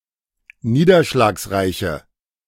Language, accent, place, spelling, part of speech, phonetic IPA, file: German, Germany, Berlin, niederschlagsreiche, adjective, [ˈniːdɐʃlaːksˌʁaɪ̯çə], De-niederschlagsreiche.ogg
- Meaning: inflection of niederschlagsreich: 1. strong/mixed nominative/accusative feminine singular 2. strong nominative/accusative plural 3. weak nominative all-gender singular